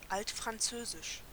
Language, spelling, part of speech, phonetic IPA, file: German, Altfranzösisch, noun, [ˈaltfʁanˌt͡søːzɪʃ], De-Altfranzösisch.ogg
- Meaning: Old French (the Old French language)